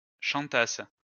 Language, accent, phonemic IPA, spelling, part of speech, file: French, France, /ʃɑ̃.tas/, chantasses, verb, LL-Q150 (fra)-chantasses.wav
- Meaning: second-person singular imperfect subjunctive of chanter